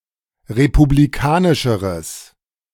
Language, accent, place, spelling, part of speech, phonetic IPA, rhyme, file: German, Germany, Berlin, republikanischeres, adjective, [ʁepubliˈkaːnɪʃəʁəs], -aːnɪʃəʁəs, De-republikanischeres.ogg
- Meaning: strong/mixed nominative/accusative neuter singular comparative degree of republikanisch